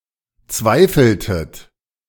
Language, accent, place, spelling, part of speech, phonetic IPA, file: German, Germany, Berlin, zweifeltet, verb, [ˈt͡svaɪ̯fl̩tət], De-zweifeltet.ogg
- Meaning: inflection of zweifeln: 1. second-person plural preterite 2. second-person plural subjunctive II